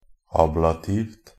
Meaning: neuter singular of ablativ
- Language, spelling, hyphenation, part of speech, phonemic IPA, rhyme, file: Norwegian Bokmål, ablativt, ab‧la‧tivt, adjective, /ˈɑːblatiːʋt/, -iːʋt, NB - Pronunciation of Norwegian Bokmål «ablativt».ogg